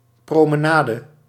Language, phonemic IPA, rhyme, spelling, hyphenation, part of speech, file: Dutch, /ˌproː.məˈnaː.də/, -aːdə, promenade, pro‧me‧na‧de, noun, Nl-promenade.ogg
- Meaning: promenade